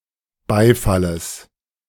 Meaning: genitive singular of Beifall
- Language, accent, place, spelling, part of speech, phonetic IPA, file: German, Germany, Berlin, Beifalles, noun, [ˈbaɪ̯faləs], De-Beifalles.ogg